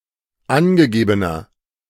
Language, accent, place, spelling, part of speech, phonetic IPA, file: German, Germany, Berlin, angegebener, adjective, [ˈanɡəˌɡeːbənɐ], De-angegebener.ogg
- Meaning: inflection of angegeben: 1. strong/mixed nominative masculine singular 2. strong genitive/dative feminine singular 3. strong genitive plural